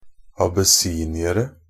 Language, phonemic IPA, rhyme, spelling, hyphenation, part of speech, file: Norwegian Bokmål, /abəˈsiːnɪərə/, -ərə, abessiniere, ab‧es‧si‧ni‧er‧e, noun, NB - Pronunciation of Norwegian Bokmål «abessiniere».ogg
- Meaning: indefinite plural of abessinier